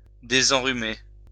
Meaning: 1. to cure of a cold 2. to cure one's cold
- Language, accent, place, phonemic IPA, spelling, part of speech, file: French, France, Lyon, /de.zɑ̃.ʁy.me/, désenrhumer, verb, LL-Q150 (fra)-désenrhumer.wav